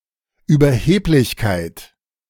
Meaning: arrogance, hubris
- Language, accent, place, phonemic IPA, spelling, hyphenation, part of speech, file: German, Germany, Berlin, /yːbɐˈheːplɪçkaɪ̯t/, Überheblichkeit, Über‧heb‧lich‧keit, noun, De-Überheblichkeit.ogg